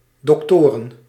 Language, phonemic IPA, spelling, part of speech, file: Dutch, /dɔkˈtorə(n)/, doktoren, noun, Nl-doktoren.ogg
- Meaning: plural of dokter